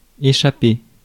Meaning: 1. to escape (from), evade 2. to drop an object unintentionally 3. to escape, break out (e.g., from prison) 4. to go away, run away
- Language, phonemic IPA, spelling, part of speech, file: French, /e.ʃa.pe/, échapper, verb, Fr-échapper.ogg